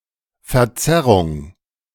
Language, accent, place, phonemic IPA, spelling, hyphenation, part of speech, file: German, Germany, Berlin, /fɛɐ̯ˈt͡sɛʁʊŋ/, Verzerrung, Ver‧zer‧rung, noun, De-Verzerrung.ogg
- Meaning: distortion